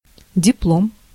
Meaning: diploma
- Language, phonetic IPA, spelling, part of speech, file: Russian, [dʲɪˈpɫom], диплом, noun, Ru-диплом.ogg